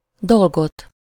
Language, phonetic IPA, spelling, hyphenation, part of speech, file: Hungarian, [ˈdolɡot], dolgot, dol‧got, noun, Hu-dolgot.ogg
- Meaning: accusative singular of dolog